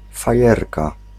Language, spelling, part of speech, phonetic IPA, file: Polish, fajerka, noun, [faˈjɛrka], Pl-fajerka.ogg